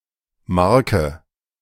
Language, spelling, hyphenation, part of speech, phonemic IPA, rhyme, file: German, Marke, Mar‧ke, noun, /ˈmaʁkə/, -aʁkə, De-Marke.ogg
- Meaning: 1. mark (like trade mark), brand 2. stamp (for letters)